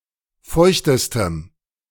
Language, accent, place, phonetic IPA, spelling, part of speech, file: German, Germany, Berlin, [ˈfɔɪ̯çtəstəm], feuchtestem, adjective, De-feuchtestem.ogg
- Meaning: strong dative masculine/neuter singular superlative degree of feucht